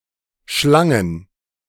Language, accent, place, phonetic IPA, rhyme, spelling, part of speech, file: German, Germany, Berlin, [ˈʃlaŋən], -aŋən, schlangen, verb, De-schlangen.ogg
- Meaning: first/third-person plural preterite of schlingen